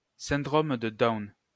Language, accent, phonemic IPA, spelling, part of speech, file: French, France, /sɛ̃.dʁom də da.ɔn/, syndrome de Down, noun, LL-Q150 (fra)-syndrome de Down.wav
- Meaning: Down syndrome